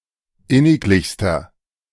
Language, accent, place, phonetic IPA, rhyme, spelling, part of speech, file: German, Germany, Berlin, [ˈɪnɪkˌlɪçstɐ], -ɪnɪklɪçstɐ, inniglichster, adjective, De-inniglichster.ogg
- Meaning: inflection of inniglich: 1. strong/mixed nominative masculine singular superlative degree 2. strong genitive/dative feminine singular superlative degree 3. strong genitive plural superlative degree